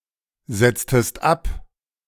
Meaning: inflection of absetzen: 1. second-person singular preterite 2. second-person singular subjunctive II
- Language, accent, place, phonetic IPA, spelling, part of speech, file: German, Germany, Berlin, [ˌz̥ɛt͡stəst ˈap], setztest ab, verb, De-setztest ab.ogg